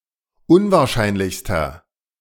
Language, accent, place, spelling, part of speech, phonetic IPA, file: German, Germany, Berlin, unwahrscheinlichster, adjective, [ˈʊnvaːɐ̯ˌʃaɪ̯nlɪçstɐ], De-unwahrscheinlichster.ogg
- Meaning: inflection of unwahrscheinlich: 1. strong/mixed nominative masculine singular superlative degree 2. strong genitive/dative feminine singular superlative degree